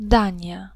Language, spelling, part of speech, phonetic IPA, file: Polish, Dania, proper noun, [ˈdãɲja], Pl-Dania.ogg